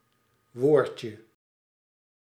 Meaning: diminutive of woord
- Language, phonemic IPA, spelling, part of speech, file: Dutch, /ˈʋoːrtʃə/, woordje, noun, Nl-woordje.ogg